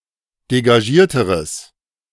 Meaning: strong/mixed nominative/accusative neuter singular comparative degree of degagiert
- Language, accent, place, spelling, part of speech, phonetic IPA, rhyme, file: German, Germany, Berlin, degagierteres, adjective, [deɡaˈʒiːɐ̯təʁəs], -iːɐ̯təʁəs, De-degagierteres.ogg